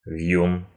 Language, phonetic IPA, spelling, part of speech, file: Russian, [v⁽ʲ⁾jun], вьюн, noun, Ru-вьюн.ogg
- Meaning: 1. loach, weatherfish (fish of the genus Misgurnus) 2. bindweed, convolvulus 3. fidget, fidgety person 4. cunning, sneaky, person; dodger 5. sycophant, toady